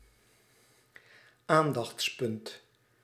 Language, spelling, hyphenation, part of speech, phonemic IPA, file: Dutch, aandachtspunt, aan‧dachts‧punt, noun, /ˈaːn.dɑxtsˌpʏnt/, Nl-aandachtspunt.ogg
- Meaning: focus (of attention)